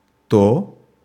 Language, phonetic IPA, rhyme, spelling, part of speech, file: Russian, [to], -o, то, determiner / pronoun / conjunction, Ru-то.ogg
- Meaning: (determiner) neuter nominative/accusative singular of тот (tot)